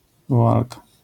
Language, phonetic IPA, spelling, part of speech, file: Polish, [vɔˈalka], woalka, noun, LL-Q809 (pol)-woalka.wav